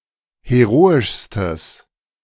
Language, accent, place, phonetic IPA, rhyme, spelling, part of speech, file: German, Germany, Berlin, [heˈʁoːɪʃstəs], -oːɪʃstəs, heroischstes, adjective, De-heroischstes.ogg
- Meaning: strong/mixed nominative/accusative neuter singular superlative degree of heroisch